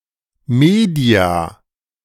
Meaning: media
- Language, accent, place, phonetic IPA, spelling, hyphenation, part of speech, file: German, Germany, Berlin, [ˈmeːdi̯a], Media, Me‧dia, noun, De-Media.ogg